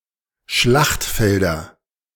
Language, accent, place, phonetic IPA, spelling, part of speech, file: German, Germany, Berlin, [ˈʃlaxtˌfɛldɐ], Schlachtfelder, noun, De-Schlachtfelder.ogg
- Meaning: nominative/accusative/genitive plural of Schlachtfeld